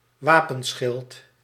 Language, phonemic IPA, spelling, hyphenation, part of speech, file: Dutch, /ˈʋaː.pə(n)ˌsxɪlt/, wapenschild, wa‧pen‧schild, noun, Nl-wapenschild.ogg
- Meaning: coat of arms, blazon (heraldic bearings)